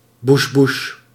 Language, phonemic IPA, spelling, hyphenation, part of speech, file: Dutch, /buʃˈbuʃ/, bushbush, bush‧bush, noun, Nl-bushbush.ogg
- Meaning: wilderness